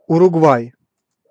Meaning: Uruguay (a country in South America)
- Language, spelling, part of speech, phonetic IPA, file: Russian, Уругвай, proper noun, [ʊrʊɡˈvaj], Ru-Уругвай.ogg